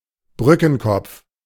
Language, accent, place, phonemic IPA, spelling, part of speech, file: German, Germany, Berlin, /ˈbrʏkənˌkɔpf/, Brückenkopf, noun, De-Brückenkopf.ogg
- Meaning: 1. bridgehead (fortification near a bridge) 2. bridgehead, beachhead (captured territory beyond a natural obstacle, especially a body of water, serving as basis for further advance)